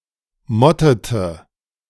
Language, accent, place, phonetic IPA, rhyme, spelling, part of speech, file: German, Germany, Berlin, [ˈmɔtətə], -ɔtətə, mottete, verb, De-mottete.ogg
- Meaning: inflection of motten: 1. first/third-person singular preterite 2. first/third-person singular subjunctive II